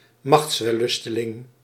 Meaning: power-hungry person; tyrant
- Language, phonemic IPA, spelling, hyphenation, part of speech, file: Dutch, /ˈmɑxtsʋɛˌlʏstəlɪŋ/, machtswellusteling, machts‧wel‧lus‧te‧ling, noun, Nl-machtswellusteling.ogg